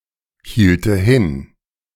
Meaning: first/third-person singular subjunctive II of hinhalten
- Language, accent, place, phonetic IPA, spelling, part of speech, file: German, Germany, Berlin, [ˌhiːltə ˈhɪn], hielte hin, verb, De-hielte hin.ogg